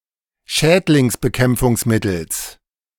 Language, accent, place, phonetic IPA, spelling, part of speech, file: German, Germany, Berlin, [ˈʃɛːtlɪŋsbəˌkɛmp͡fʊŋsmɪtl̩s], Schädlingsbekämpfungsmittels, noun, De-Schädlingsbekämpfungsmittels.ogg
- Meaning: genitive singular of Schädlingsbekämpfungsmittel